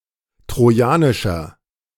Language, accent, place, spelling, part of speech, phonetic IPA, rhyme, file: German, Germany, Berlin, trojanischer, adjective, [tʁoˈjaːnɪʃɐ], -aːnɪʃɐ, De-trojanischer.ogg
- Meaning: inflection of trojanisch: 1. strong/mixed nominative masculine singular 2. strong genitive/dative feminine singular 3. strong genitive plural